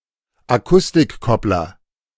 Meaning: acoustic coupler
- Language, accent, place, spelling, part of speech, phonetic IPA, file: German, Germany, Berlin, Akustikkoppler, noun, [aˈkʊstɪkˌkɔplɐ], De-Akustikkoppler.ogg